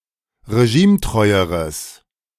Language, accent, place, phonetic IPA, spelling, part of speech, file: German, Germany, Berlin, [ʁeˈʒiːmˌtʁɔɪ̯əʁəs], regimetreueres, adjective, De-regimetreueres.ogg
- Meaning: strong/mixed nominative/accusative neuter singular comparative degree of regimetreu